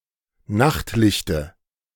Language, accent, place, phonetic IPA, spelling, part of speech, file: German, Germany, Berlin, [ˈnaxtˌlɪçtə], Nachtlichte, noun, De-Nachtlichte.ogg
- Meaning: dative of Nachtlicht